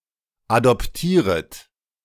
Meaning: second-person plural subjunctive I of adoptieren
- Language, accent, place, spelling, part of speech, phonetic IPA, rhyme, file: German, Germany, Berlin, adoptieret, verb, [adɔpˈtiːʁət], -iːʁət, De-adoptieret.ogg